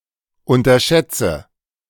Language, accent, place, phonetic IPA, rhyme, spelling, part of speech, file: German, Germany, Berlin, [ˌʊntɐˈʃɛt͡sə], -ɛt͡sə, unterschätze, verb, De-unterschätze.ogg
- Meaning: inflection of unterschätzen: 1. first-person singular present 2. first/third-person singular subjunctive I 3. singular imperative